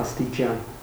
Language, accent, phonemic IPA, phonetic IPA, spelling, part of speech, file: Armenian, Eastern Armenian, /ɑstiˈt͡ʃɑn/, [ɑstit͡ʃɑ́n], աստիճան, noun, Hy-աստիճան.ogg
- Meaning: 1. degree 2. extent 3. stair 4. stairs 5. ladder 6. class, rank 7. degree (unit of measurement of temperature on any of several scales)